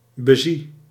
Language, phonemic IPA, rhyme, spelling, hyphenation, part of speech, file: Dutch, /bəˈzi/, -i, bezie, be‧zie, verb, Nl-bezie.ogg
- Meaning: inflection of bezien: 1. first-person singular present indicative 2. second-person singular present indicative 3. imperative 4. singular present subjunctive